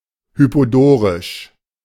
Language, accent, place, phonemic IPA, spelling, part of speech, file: German, Germany, Berlin, /ˌhypoˈdoːʁɪʃ/, hypodorisch, adjective, De-hypodorisch.ogg
- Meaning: hypodorian